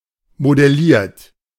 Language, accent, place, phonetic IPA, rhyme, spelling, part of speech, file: German, Germany, Berlin, [modɛˈliːɐ̯t], -iːɐ̯t, modelliert, verb, De-modelliert.ogg
- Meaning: 1. past participle of modellieren 2. inflection of modellieren: third-person singular present 3. inflection of modellieren: second-person plural present 4. inflection of modellieren: plural imperative